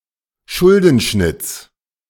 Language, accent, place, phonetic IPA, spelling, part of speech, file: German, Germany, Berlin, [ˈʃʊldn̩ˌʃnɪt͡s], Schuldenschnitts, noun, De-Schuldenschnitts.ogg
- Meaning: genitive of Schuldenschnitt